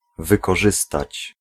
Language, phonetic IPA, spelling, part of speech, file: Polish, [ˌvɨkɔˈʒɨstat͡ɕ], wykorzystać, verb, Pl-wykorzystać.ogg